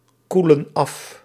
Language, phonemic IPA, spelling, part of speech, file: Dutch, /ˈkulə(n) ˈɑf/, koelen af, verb, Nl-koelen af.ogg
- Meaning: inflection of afkoelen: 1. plural present indicative 2. plural present subjunctive